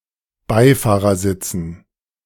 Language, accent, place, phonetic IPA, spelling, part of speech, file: German, Germany, Berlin, [ˈbaɪ̯faːʁɐˌzɪt͡sn̩], Beifahrersitzen, noun, De-Beifahrersitzen.ogg
- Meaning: dative plural of Beifahrersitz